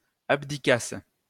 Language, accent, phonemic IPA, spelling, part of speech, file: French, France, /ab.di.kas/, abdiquasses, verb, LL-Q150 (fra)-abdiquasses.wav
- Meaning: second-person singular imperfect subjunctive of abdiquer